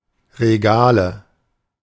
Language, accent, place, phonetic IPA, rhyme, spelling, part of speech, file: German, Germany, Berlin, [ʁeˈɡaːlə], -aːlə, Regale, noun, De-Regale.ogg
- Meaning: nominative/accusative/genitive plural of Regal